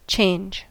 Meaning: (verb) 1. To become something different 2. To make something into something else 3. To replace 4. To replace one's clothing
- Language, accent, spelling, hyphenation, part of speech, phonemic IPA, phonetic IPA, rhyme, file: English, US, change, change, verb / noun, /ˈt͡ʃeɪnd͡ʒ/, [ˈt͡ʃʰeɪ̯nd͡ʒ], -eɪndʒ, En-us-change.ogg